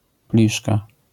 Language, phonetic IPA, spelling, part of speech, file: Polish, [ˈplʲiʃka], pliszka, noun, LL-Q809 (pol)-pliszka.wav